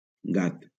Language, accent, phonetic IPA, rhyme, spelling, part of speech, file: Catalan, Valencia, [ˈɡat], -at, gat, noun / adjective, LL-Q7026 (cat)-gat.wav
- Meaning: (noun) 1. cat (feline animal) 2. jack (device for lifting heavy objects) 3. A catshark, especially the small-spotted catshark; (adjective) drunk